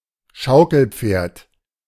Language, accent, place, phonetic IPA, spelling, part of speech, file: German, Germany, Berlin, [ˈʃaʊ̯kl̩ˌp͡feːɐ̯t], Schaukelpferd, noun, De-Schaukelpferd.ogg
- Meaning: rocking horse